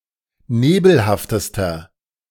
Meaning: inflection of nebelhaft: 1. strong/mixed nominative masculine singular superlative degree 2. strong genitive/dative feminine singular superlative degree 3. strong genitive plural superlative degree
- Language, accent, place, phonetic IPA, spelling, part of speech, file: German, Germany, Berlin, [ˈneːbl̩haftəstɐ], nebelhaftester, adjective, De-nebelhaftester.ogg